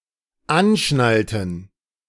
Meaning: inflection of anschnallen: 1. first/third-person plural dependent preterite 2. first/third-person plural dependent subjunctive II
- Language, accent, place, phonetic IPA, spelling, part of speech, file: German, Germany, Berlin, [ˈanˌʃnaltn̩], anschnallten, verb, De-anschnallten.ogg